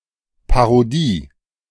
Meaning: parody (expression making fun of something else)
- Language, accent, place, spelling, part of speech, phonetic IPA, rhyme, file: German, Germany, Berlin, Parodie, noun, [paʁoˈdiː], -iː, De-Parodie.ogg